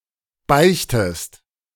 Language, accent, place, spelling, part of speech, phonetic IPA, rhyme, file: German, Germany, Berlin, beichtest, verb, [ˈbaɪ̯çtəst], -aɪ̯çtəst, De-beichtest.ogg
- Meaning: inflection of beichten: 1. second-person singular present 2. second-person singular subjunctive I